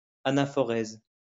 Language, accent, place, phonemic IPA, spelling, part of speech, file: French, France, Lyon, /a.na.fɔ.ʁɛz/, anaphorèse, noun, LL-Q150 (fra)-anaphorèse.wav
- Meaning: anaphoresis